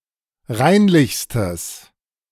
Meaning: strong/mixed nominative/accusative neuter singular superlative degree of reinlich
- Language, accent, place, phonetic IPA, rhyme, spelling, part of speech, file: German, Germany, Berlin, [ˈʁaɪ̯nlɪçstəs], -aɪ̯nlɪçstəs, reinlichstes, adjective, De-reinlichstes.ogg